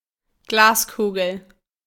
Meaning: 1. marble (small glass ball) 2. glass sphere (spherical object made from glass; a bauble, etc.) 3. crystal ball (large glass ball)
- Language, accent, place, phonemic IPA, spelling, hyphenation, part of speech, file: German, Germany, Berlin, /ˈɡlaːsˌkuːɡl̩/, Glaskugel, Glas‧ku‧gel, noun, De-Glaskugel.ogg